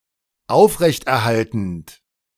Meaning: present participle of aufrechterhalten
- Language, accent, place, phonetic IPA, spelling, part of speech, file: German, Germany, Berlin, [ˈaʊ̯fʁɛçtʔɛɐ̯ˌhaltn̩t], aufrechterhaltend, verb, De-aufrechterhaltend.ogg